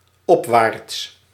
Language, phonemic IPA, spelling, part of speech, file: Dutch, /ˈɔpwarts/, opwaarts, adjective / adverb, Nl-opwaarts.ogg
- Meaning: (adjective) upward; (adverb) upwards